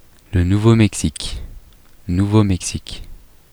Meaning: 1. New Mexico (a state in the southwestern United States) 2. New Mexico (a former territory of Mexico and the United States)
- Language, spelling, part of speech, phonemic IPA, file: French, Nouveau-Mexique, proper noun, /nu.vo.mɛk.sik/, Fr-Nouveau-Mexique.oga